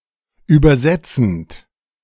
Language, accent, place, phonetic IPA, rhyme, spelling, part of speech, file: German, Germany, Berlin, [ˌyːbɐˈzɛt͡sn̩t], -ɛt͡sn̩t, übersetzend, verb, De-übersetzend.ogg
- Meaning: present participle of übersetzen